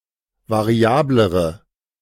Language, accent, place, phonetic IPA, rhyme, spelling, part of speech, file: German, Germany, Berlin, [vaˈʁi̯aːbləʁə], -aːbləʁə, variablere, adjective, De-variablere.ogg
- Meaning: inflection of variabel: 1. strong/mixed nominative/accusative feminine singular comparative degree 2. strong nominative/accusative plural comparative degree